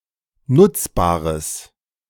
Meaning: strong/mixed nominative/accusative neuter singular of nutzbar
- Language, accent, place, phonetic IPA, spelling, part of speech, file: German, Germany, Berlin, [ˈnʊt͡sˌbaːʁəs], nutzbares, adjective, De-nutzbares.ogg